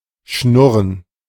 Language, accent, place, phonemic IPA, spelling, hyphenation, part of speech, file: German, Germany, Berlin, /ˈʃnʊʁən/, schnurren, schnur‧ren, verb, De-schnurren.ogg
- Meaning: 1. to purr (produce a vibrating, whirring sound, especially when satisfied) 2. to produce a “healthy” sound that indicates good function